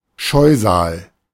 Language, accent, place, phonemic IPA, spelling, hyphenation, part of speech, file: German, Germany, Berlin, /ˈʃɔɪ̯zaːl/, Scheusal, Scheu‧sal, noun, De-Scheusal.ogg
- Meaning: 1. monster 2. beast